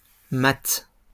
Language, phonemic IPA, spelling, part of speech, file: French, /mat/, maths, noun, LL-Q150 (fra)-maths.wav
- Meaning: math or maths (study of numbers, etc.; a course involving the study of numbers)